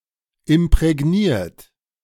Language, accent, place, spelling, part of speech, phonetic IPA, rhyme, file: German, Germany, Berlin, imprägniert, verb, [ɪmpʁɛˈɡniːɐ̯t], -iːɐ̯t, De-imprägniert.ogg
- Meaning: 1. past participle of imprägnieren 2. inflection of imprägnieren: third-person singular present 3. inflection of imprägnieren: second-person plural present